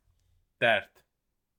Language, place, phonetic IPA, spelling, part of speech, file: Azerbaijani, Baku, [dærd], dərd, noun, Az-az-dərd.ogg
- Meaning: trouble, grief